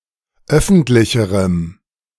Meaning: strong dative masculine/neuter singular comparative degree of öffentlich
- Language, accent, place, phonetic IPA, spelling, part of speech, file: German, Germany, Berlin, [ˈœfn̩tlɪçəʁəm], öffentlicherem, adjective, De-öffentlicherem.ogg